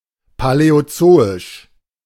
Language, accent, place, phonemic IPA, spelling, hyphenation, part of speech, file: German, Germany, Berlin, /palɛoˈt͡soːɪʃ/, paläozoisch, pa‧läo‧zo‧isch, adjective, De-paläozoisch.ogg
- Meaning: Paleozoic